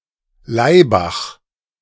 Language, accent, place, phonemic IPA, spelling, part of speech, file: German, Germany, Berlin, /ˈlaɪ̯bax/, Laibach, proper noun, De-Laibach.ogg
- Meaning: Ljubljana (the capital city of Slovenia)